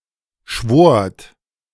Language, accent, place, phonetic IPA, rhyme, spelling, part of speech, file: German, Germany, Berlin, [ʃvoːɐ̯t], -oːɐ̯t, schwort, verb, De-schwort.ogg
- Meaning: second-person plural preterite of schwören